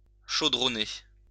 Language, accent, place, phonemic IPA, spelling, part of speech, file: French, France, Lyon, /ʃo.dʁɔ.ne/, chaudronnée, verb, LL-Q150 (fra)-chaudronnée.wav
- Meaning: feminine singular of chaudronné